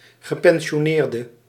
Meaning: pensioner
- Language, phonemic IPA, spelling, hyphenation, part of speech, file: Dutch, /ɣəˌpɛn.ʃoːˈneːr.də/, gepensioneerde, ge‧pen‧si‧o‧neer‧de, noun, Nl-gepensioneerde.ogg